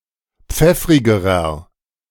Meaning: inflection of pfeffrig: 1. strong/mixed nominative masculine singular comparative degree 2. strong genitive/dative feminine singular comparative degree 3. strong genitive plural comparative degree
- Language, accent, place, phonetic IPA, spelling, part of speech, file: German, Germany, Berlin, [ˈp͡fɛfʁɪɡəʁɐ], pfeffrigerer, adjective, De-pfeffrigerer.ogg